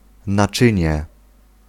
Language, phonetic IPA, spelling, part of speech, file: Polish, [naˈt͡ʃɨ̃ɲɛ], naczynie, noun, Pl-naczynie.ogg